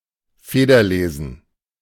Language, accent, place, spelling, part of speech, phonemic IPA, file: German, Germany, Berlin, Federlesen, noun, /ˈfeːdɐˌleːzn̩/, De-Federlesen.ogg
- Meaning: ballyhoo, fuss